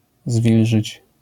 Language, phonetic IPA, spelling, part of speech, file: Polish, [ˈzvʲilʒɨt͡ɕ], zwilżyć, verb, LL-Q809 (pol)-zwilżyć.wav